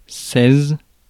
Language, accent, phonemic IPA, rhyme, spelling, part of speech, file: French, France, /sɛz/, -ɛz, seize, numeral, Fr-seize.ogg
- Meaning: sixteen